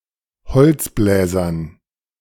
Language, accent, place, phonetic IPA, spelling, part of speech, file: German, Germany, Berlin, [bəˈt͡sɪfəʁəst], bezifferest, verb, De-bezifferest.ogg
- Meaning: second-person singular subjunctive I of beziffern